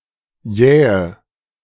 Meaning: 1. alternative form of jäh 2. inflection of jäh: strong/mixed nominative/accusative feminine singular 3. inflection of jäh: strong nominative/accusative plural
- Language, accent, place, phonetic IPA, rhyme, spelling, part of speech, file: German, Germany, Berlin, [ˈjɛːə], -ɛːə, jähe, adjective, De-jähe.ogg